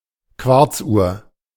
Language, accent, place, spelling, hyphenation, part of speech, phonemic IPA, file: German, Germany, Berlin, Quarzuhr, Quarz‧uhr, noun, /ˈkvaʁt͡sˌʔuːɐ̯/, De-Quarzuhr.ogg
- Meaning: quartz clock, quartz watch